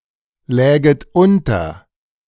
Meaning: second-person plural subjunctive II of unterliegen
- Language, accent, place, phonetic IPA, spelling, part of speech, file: German, Germany, Berlin, [ˌlɛːɡət ˈʔʊntɐ], läget unter, verb, De-läget unter.ogg